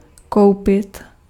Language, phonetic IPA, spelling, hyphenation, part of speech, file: Czech, [ˈkou̯pɪt], koupit, kou‧pit, verb, Cs-koupit.ogg
- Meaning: to buy